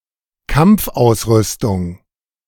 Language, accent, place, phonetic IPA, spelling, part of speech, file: German, Germany, Berlin, [ˈkamp͡fˌʔaʊ̯sˌʁʏstʊŋ], Kampfausrüstung, noun, De-Kampfausrüstung.ogg
- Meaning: combat equipment